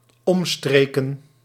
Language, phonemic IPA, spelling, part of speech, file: Dutch, /ˈɔmstrekə(n)/, omstreken, noun, Nl-omstreken.ogg
- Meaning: plural of omstreek